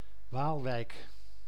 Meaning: Waalwijk (a city and municipality of North Brabant, Netherlands)
- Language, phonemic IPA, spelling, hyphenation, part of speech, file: Dutch, /ˈʋaːlˌʋɛi̯k/, Waalwijk, Waal‧wijk, proper noun, Nl-Waalwijk.ogg